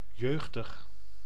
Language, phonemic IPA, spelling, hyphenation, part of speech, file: Dutch, /ˈjøːxdəx/, jeugdig, jeug‧dig, adjective, Nl-jeugdig.ogg
- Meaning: young, youthful